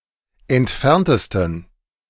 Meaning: 1. superlative degree of entfernt 2. inflection of entfernt: strong genitive masculine/neuter singular superlative degree
- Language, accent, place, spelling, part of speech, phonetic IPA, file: German, Germany, Berlin, entferntesten, adjective, [ɛntˈfɛʁntəstn̩], De-entferntesten.ogg